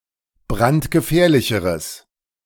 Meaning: strong/mixed nominative/accusative neuter singular comparative degree of brandgefährlich
- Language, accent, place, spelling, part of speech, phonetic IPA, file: German, Germany, Berlin, brandgefährlicheres, adjective, [ˈbʁantɡəˌfɛːɐ̯lɪçəʁəs], De-brandgefährlicheres.ogg